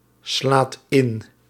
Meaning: inflection of inslaan: 1. second/third-person singular present indicative 2. plural imperative
- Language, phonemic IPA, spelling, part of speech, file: Dutch, /ˈslat ˈɪn/, slaat in, verb, Nl-slaat in.ogg